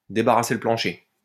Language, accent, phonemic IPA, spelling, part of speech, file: French, France, /de.ba.ʁa.se lə plɑ̃.ʃe/, débarrasser le plancher, verb, LL-Q150 (fra)-débarrasser le plancher.wav
- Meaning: to sling one's hook, to buzz off, to beat it